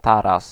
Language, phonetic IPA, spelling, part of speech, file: Polish, [ˈtaras], taras, noun, Pl-taras.ogg